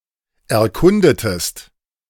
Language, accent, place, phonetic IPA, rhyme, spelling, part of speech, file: German, Germany, Berlin, [ɛɐ̯ˈkʊndətəst], -ʊndətəst, erkundetest, verb, De-erkundetest.ogg
- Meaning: inflection of erkunden: 1. second-person singular preterite 2. second-person singular subjunctive II